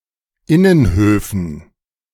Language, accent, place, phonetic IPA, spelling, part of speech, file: German, Germany, Berlin, [ˈɪnənˌhøːfn̩], Innenhöfen, noun, De-Innenhöfen.ogg
- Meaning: dative plural of Innenhof